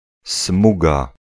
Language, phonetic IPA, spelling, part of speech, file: Polish, [ˈsmuɡa], smuga, noun, Pl-smuga.ogg